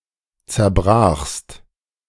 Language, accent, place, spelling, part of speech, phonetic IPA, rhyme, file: German, Germany, Berlin, zerbrachst, verb, [t͡sɛɐ̯ˈbʁaːxst], -aːxst, De-zerbrachst.ogg
- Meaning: second-person singular preterite of zerbrechen